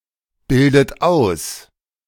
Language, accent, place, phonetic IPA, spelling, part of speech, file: German, Germany, Berlin, [ˌbɪldət ˈaʊ̯s], bildet aus, verb, De-bildet aus.ogg
- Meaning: inflection of ausbilden: 1. third-person singular present 2. second-person plural present 3. second-person plural subjunctive I 4. plural imperative